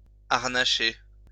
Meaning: 1. to harness 2. to equip or dress up ridiculously
- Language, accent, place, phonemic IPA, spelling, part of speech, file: French, France, Lyon, /aʁ.na.ʃe/, harnacher, verb, LL-Q150 (fra)-harnacher.wav